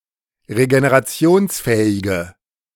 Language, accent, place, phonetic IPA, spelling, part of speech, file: German, Germany, Berlin, [ʁeɡeneʁaˈt͡si̯oːnsˌfɛːɪɡə], regenerationsfähige, adjective, De-regenerationsfähige.ogg
- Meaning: inflection of regenerationsfähig: 1. strong/mixed nominative/accusative feminine singular 2. strong nominative/accusative plural 3. weak nominative all-gender singular